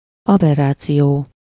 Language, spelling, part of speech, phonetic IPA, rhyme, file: Hungarian, aberráció, noun, [ˈɒbɛrːaːt͡sijoː], -joː, Hu-aberráció.ogg
- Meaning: 1. aberration (divergence from the correct, normal, or natural state) 2. aberration, perversion (sexual or behavioral deviance) 3. aberration (convergence to different foci)